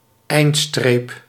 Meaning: finish line (literal and figuratively)
- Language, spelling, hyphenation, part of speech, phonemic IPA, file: Dutch, eindstreep, eind‧streep, noun, /ˈɛi̯nt.streːp/, Nl-eindstreep.ogg